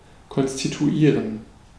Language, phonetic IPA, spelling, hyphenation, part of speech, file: German, [kɔnstituˈiːʁən], konstituieren, kon‧s‧ti‧tu‧ie‧ren, verb, De-konstituieren.ogg
- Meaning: to constitute